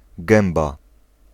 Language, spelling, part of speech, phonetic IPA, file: Polish, gęba, noun, [ˈɡɛ̃mba], Pl-gęba.ogg